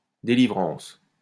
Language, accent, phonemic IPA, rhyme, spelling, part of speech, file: French, France, /de.li.vʁɑ̃s/, -ɑ̃s, délivrance, noun, LL-Q150 (fra)-délivrance.wav
- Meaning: 1. deliverance, relief, liberation 2. afterbirth